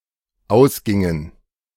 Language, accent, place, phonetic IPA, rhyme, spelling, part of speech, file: German, Germany, Berlin, [ˈaʊ̯sˌɡɪŋən], -aʊ̯sɡɪŋən, ausgingen, verb, De-ausgingen.ogg
- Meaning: inflection of ausgehen: 1. first/third-person plural dependent preterite 2. first/third-person plural dependent subjunctive II